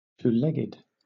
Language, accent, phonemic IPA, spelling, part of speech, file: English, Southern England, /tuːˈlɛɡɪd/, two-legged, adjective / noun, LL-Q1860 (eng)-two-legged.wav
- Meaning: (adjective) Having or furnished with two legs, or leg-like appendages; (noun) Someone or something with two legs, especially human beings